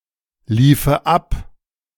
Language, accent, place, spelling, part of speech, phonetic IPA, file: German, Germany, Berlin, liefe ab, verb, [ˌliːfə ˈap], De-liefe ab.ogg
- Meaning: first/third-person singular subjunctive II of ablaufen